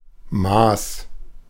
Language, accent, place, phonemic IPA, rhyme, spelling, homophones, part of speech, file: German, Germany, Berlin, /maːs/, -aːs, Maß, Maas, noun, De-Maß.ogg
- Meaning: 1. measure (standard against which something can be judged) 2. size 3. extent 4. a litre/tankard of beer